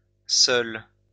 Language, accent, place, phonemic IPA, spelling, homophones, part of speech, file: French, France, Lyon, /sœl/, seule, seul / seuls / seules, adjective, LL-Q150 (fra)-seule.wav
- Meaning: feminine singular of seul